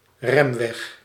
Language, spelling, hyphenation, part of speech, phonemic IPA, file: Dutch, remweg, rem‧weg, noun, /ˈrɛm.ʋɛx/, Nl-remweg.ogg
- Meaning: braking distance